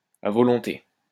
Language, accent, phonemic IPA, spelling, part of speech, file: French, France, /a vɔ.lɔ̃.te/, à volonté, prepositional phrase, LL-Q150 (fra)-à volonté.wav
- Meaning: ad libitum, at will